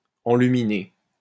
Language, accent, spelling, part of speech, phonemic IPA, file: French, France, enluminé, verb / adjective, /ɑ̃.ly.mi.ne/, LL-Q150 (fra)-enluminé.wav
- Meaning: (verb) past participle of enluminer; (adjective) 1. painted in colour 2. decorated with illuminations 3. brightly coloured 4. overly idyllic; fanciful